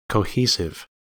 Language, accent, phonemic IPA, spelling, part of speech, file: English, US, /koʊˈhi.sɪv/, cohesive, adjective / noun, En-us-cohesive.ogg
- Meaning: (adjective) Having cohesion; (noun) 1. A substance that provides cohesion 2. A device used to establish cohesion within a text